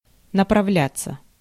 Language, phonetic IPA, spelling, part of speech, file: Russian, [nəprɐˈvlʲat͡sːə], направляться, verb, Ru-направляться.ogg
- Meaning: 1. to head, to make one's way (intransitive) 2. to get going 3. passive of направля́ть (napravljátʹ)